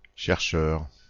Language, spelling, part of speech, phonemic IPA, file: French, chercheur, noun, /ʃɛʁ.ʃœʁ/, Fr-chercheur.ogg
- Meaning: 1. searcher (one who searches) 2. researcher